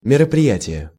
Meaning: 1. undertaking, action, enterprise, measure (that which is undertaken) 2. event
- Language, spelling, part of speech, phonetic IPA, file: Russian, мероприятие, noun, [mʲɪrəprʲɪˈjætʲɪje], Ru-мероприятие.ogg